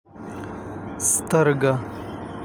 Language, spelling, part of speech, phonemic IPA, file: Pashto, سترګه, noun, /st̪ərˈɡa/, Ps-سترګه.ogg
- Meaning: eye